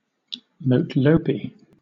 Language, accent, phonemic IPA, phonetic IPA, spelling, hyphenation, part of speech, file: English, Southern England, /məʊˈtləʊpi/, [məʊt̚ˈləʊpi], motlopi, mo‧tlo‧pi, noun, LL-Q1860 (eng)-motlopi.wav
- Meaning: The shepherd tree or shepherd's tree (Boscia albitrunca), an evergreen tree native to southern and tropical Africa which is one of the most important forage trees of the Kalahari